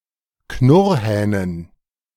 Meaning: dative plural of Knurrhahn
- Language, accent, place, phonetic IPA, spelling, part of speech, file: German, Germany, Berlin, [ˈknʊʁhɛːnən], Knurrhähnen, noun, De-Knurrhähnen.ogg